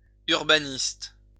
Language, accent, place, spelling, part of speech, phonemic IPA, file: French, France, Lyon, urbaniste, noun, /yʁ.ba.nist/, LL-Q150 (fra)-urbaniste.wav
- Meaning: 1. town planner 2. urbanist